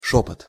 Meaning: whisper (the act of speaking in a quiet voice)
- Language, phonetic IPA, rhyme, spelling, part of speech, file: Russian, [ˈʂopət], -opət, шёпот, noun, Ru-шёпот.ogg